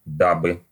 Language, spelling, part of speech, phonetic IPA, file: Russian, дабы, conjunction, [ˈdabɨ], Ru-дабы.ogg
- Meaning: in order to, in order that, so that